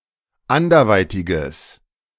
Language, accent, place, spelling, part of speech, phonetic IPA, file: German, Germany, Berlin, anderweitiges, adjective, [ˈandɐˌvaɪ̯tɪɡəs], De-anderweitiges.ogg
- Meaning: strong/mixed nominative/accusative neuter singular of anderweitig